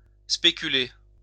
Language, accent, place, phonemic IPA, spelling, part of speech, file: French, France, Lyon, /spe.ky.le/, spéculer, verb, LL-Q150 (fra)-spéculer.wav
- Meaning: 1. to speculate 2. to speculate (guess)